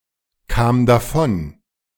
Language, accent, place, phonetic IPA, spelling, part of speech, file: German, Germany, Berlin, [ˌkaːm daˈfɔn], kam davon, verb, De-kam davon.ogg
- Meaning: first/third-person singular preterite of davonkommen